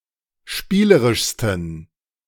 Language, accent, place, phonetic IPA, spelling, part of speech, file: German, Germany, Berlin, [ˈʃpiːləʁɪʃstn̩], spielerischsten, adjective, De-spielerischsten.ogg
- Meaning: 1. superlative degree of spielerisch 2. inflection of spielerisch: strong genitive masculine/neuter singular superlative degree